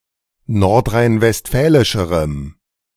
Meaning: strong dative masculine/neuter singular comparative degree of nordrhein-westfälisch
- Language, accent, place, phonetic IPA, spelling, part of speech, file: German, Germany, Berlin, [ˌnɔʁtʁaɪ̯nvɛstˈfɛːlɪʃəʁəm], nordrhein-westfälischerem, adjective, De-nordrhein-westfälischerem.ogg